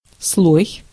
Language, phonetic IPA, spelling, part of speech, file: Russian, [sɫoj], слой, noun, Ru-слой.ogg
- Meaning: 1. layer 2. stratum 3. coat, coating (of paint, etc.)